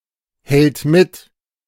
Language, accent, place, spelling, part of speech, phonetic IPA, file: German, Germany, Berlin, hält mit, verb, [ˌhɛlt ˈmɪt], De-hält mit.ogg
- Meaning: third-person singular present of mithalten